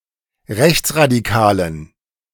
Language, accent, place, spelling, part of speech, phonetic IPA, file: German, Germany, Berlin, rechtsradikalen, adjective, [ˈʁɛçt͡sʁadiˌkaːlən], De-rechtsradikalen.ogg
- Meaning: inflection of rechtsradikal: 1. strong genitive masculine/neuter singular 2. weak/mixed genitive/dative all-gender singular 3. strong/weak/mixed accusative masculine singular 4. strong dative plural